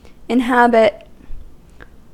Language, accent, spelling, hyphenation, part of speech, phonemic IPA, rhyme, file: English, US, inhabit, in‧hab‧it, verb, /ɪnˈhæbɪt/, -æbɪt, En-us-inhabit.ogg
- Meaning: 1. To live or reside in 2. To be present in